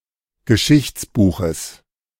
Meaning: genitive singular of Geschichtsbuch
- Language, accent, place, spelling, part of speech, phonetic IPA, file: German, Germany, Berlin, Geschichtsbuches, noun, [ɡəˈʃɪçt͡sˌbuːxəs], De-Geschichtsbuches.ogg